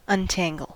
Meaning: 1. To remove tangles or knots from 2. To remove confusion or mystery from
- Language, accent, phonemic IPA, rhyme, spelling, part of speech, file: English, US, /ʌnˈtæŋ.ɡəl/, -æŋɡəl, untangle, verb, En-us-untangle.ogg